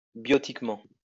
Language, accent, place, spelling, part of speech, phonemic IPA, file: French, France, Lyon, biotiquement, adverb, /bjɔ.tik.mɑ̃/, LL-Q150 (fra)-biotiquement.wav
- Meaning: biotically